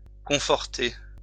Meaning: 1. to comfort, console (more commonly réconforter) 2. to strengthen, reinforce (a position, argument, situation) 3. (followed by dans) to confirm (someone) in an opinion, belief, or conviction
- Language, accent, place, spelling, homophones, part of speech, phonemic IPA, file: French, France, Lyon, conforter, confortai / confortée / confortées / conforté / confortés / confortez, verb, /kɔ̃.fɔʁ.te/, LL-Q150 (fra)-conforter.wav